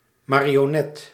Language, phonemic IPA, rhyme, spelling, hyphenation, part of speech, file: Dutch, /ˌmaː.ri.oːˈnɛt/, -ɛt, marionet, ma‧ri‧o‧net, noun, Nl-marionet.ogg
- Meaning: puppet (doll with movable parts operated with strings or rods)